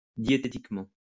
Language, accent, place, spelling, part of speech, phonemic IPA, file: French, France, Lyon, diététiquement, adverb, /dje.te.tik.mɑ̃/, LL-Q150 (fra)-diététiquement.wav
- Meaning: dietetically